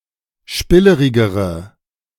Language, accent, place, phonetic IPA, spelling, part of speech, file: German, Germany, Berlin, [ˈʃpɪləʁɪɡəʁə], spillerigere, adjective, De-spillerigere.ogg
- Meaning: inflection of spillerig: 1. strong/mixed nominative/accusative feminine singular comparative degree 2. strong nominative/accusative plural comparative degree